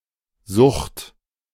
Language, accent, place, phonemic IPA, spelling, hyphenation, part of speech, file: German, Germany, Berlin, /zʊxt/, Sucht, Sucht, noun, De-Sucht.ogg
- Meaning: 1. addiction 2. exaggerated or morbid desire; greed 3. physic or psychic disease